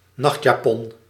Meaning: nightgown, nightshirt, nightdress
- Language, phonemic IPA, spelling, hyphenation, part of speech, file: Dutch, /ˈnɑxt.jaːˌpɔn/, nachtjapon, nacht‧ja‧pon, noun, Nl-nachtjapon.ogg